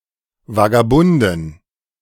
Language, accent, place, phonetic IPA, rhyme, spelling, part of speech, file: German, Germany, Berlin, [vaɡaˈbʊndn̩], -ʊndn̩, Vagabunden, noun, De-Vagabunden.ogg
- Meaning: plural of Vagabund